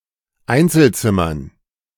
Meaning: dative plural of Einzelzimmer
- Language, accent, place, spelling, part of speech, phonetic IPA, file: German, Germany, Berlin, Einzelzimmern, noun, [ˈaɪ̯nt͡sl̩ˌt͡sɪmɐn], De-Einzelzimmern.ogg